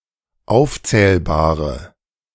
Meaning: inflection of aufzählbar: 1. strong/mixed nominative/accusative feminine singular 2. strong nominative/accusative plural 3. weak nominative all-gender singular
- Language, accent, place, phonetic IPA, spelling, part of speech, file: German, Germany, Berlin, [ˈaʊ̯ft͡sɛːlbaːʁə], aufzählbare, adjective, De-aufzählbare.ogg